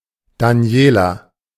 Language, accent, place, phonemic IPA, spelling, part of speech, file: German, Germany, Berlin, /ˈdaːnjeːlɐ/, Daniela, proper noun, De-Daniela.ogg
- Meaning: a female given name, masculine equivalent Daniel